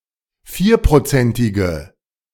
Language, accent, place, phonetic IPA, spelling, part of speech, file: German, Germany, Berlin, [ˈfiːɐ̯pʁoˌt͡sɛntɪɡə], vierprozentige, adjective, De-vierprozentige.ogg
- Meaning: inflection of vierprozentig: 1. strong/mixed nominative/accusative feminine singular 2. strong nominative/accusative plural 3. weak nominative all-gender singular